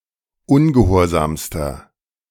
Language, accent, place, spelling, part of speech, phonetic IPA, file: German, Germany, Berlin, ungehorsamster, adjective, [ˈʊnɡəˌhoːɐ̯zaːmstɐ], De-ungehorsamster.ogg
- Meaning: inflection of ungehorsam: 1. strong/mixed nominative masculine singular superlative degree 2. strong genitive/dative feminine singular superlative degree 3. strong genitive plural superlative degree